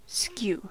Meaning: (verb) To form or shape in an oblique way; to cause to take an oblique position
- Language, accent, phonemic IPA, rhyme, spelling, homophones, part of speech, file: English, General American, /skju/, -uː, skew, SKU, verb / adjective / adverb / noun, En-us-skew.ogg